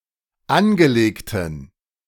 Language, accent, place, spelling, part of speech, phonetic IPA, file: German, Germany, Berlin, angelegten, adjective, [ˈanɡəˌleːktn̩], De-angelegten.ogg
- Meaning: inflection of angelegt: 1. strong genitive masculine/neuter singular 2. weak/mixed genitive/dative all-gender singular 3. strong/weak/mixed accusative masculine singular 4. strong dative plural